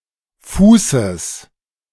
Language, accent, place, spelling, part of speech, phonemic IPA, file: German, Germany, Berlin, Fußes, noun, /ˈfuːsəs/, De-Fußes.ogg
- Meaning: genitive singular of Fuß